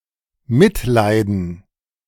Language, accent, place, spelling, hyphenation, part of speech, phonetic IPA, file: German, Germany, Berlin, mitleiden, mit‧lei‧den, verb, [ˈmɪtˌlaɪ̯dn̩], De-mitleiden.ogg
- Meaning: to feel compassion